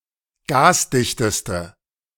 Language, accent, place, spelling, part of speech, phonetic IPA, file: German, Germany, Berlin, gasdichteste, adjective, [ˈɡaːsˌdɪçtəstə], De-gasdichteste.ogg
- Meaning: inflection of gasdicht: 1. strong/mixed nominative/accusative feminine singular superlative degree 2. strong nominative/accusative plural superlative degree